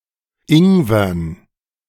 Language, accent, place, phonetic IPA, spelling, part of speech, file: German, Germany, Berlin, [ˈɪŋvɐn], Ingwern, noun, De-Ingwern.ogg
- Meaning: dative plural of Ingwer